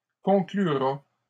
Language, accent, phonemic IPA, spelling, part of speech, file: French, Canada, /kɔ̃.kly.ʁa/, conclura, verb, LL-Q150 (fra)-conclura.wav
- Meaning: third-person singular simple future of conclure